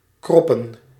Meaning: plural of krop
- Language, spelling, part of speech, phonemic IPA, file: Dutch, kroppen, noun / verb, /ˈkrɔpə(n)/, Nl-kroppen.ogg